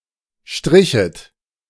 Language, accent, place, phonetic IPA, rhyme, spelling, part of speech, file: German, Germany, Berlin, [ˈʃtʁɪçət], -ɪçət, strichet, verb, De-strichet.ogg
- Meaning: second-person plural subjunctive II of streichen